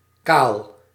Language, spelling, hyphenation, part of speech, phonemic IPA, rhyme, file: Dutch, kaal, kaal, adjective, /kaːl/, -aːl, Nl-kaal.ogg
- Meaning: 1. featureless, bare, smooth, bland, plain 2. bald, bare, without fur, plumage, foliage etc 3. bald, bare, without fur, plumage, foliage etc.: bald (having little or no hair on the head)